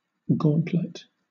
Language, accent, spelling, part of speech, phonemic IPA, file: English, Southern England, gauntlet, noun, /ˈɡɔːnt.lət/, LL-Q1860 (eng)-gauntlet.wav
- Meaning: 1. Protective armor for the hands, formerly thrown down as a challenge to combat 2. A long glove covering the wrist 3. A rope on which hammocks or clothes are hung for drying